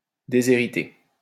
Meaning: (verb) past participle of déshériter; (adjective) 1. disinherited 2. deprived
- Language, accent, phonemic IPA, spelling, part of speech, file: French, France, /de.ze.ʁi.te/, déshérité, verb / adjective, LL-Q150 (fra)-déshérité.wav